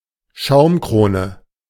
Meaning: the head (foamy layer) forming on beer (or, rarely, other carbonated beverages)
- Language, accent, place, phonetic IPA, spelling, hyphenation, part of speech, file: German, Germany, Berlin, [ˈʃaʊ̯mˌkʁoːnə], Schaumkrone, Schaum‧kro‧ne, noun, De-Schaumkrone.ogg